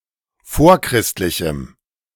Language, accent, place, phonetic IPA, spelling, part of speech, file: German, Germany, Berlin, [ˈfoːɐ̯ˌkʁɪstlɪçm̩], vorchristlichem, adjective, De-vorchristlichem.ogg
- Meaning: strong dative masculine/neuter singular of vorchristlich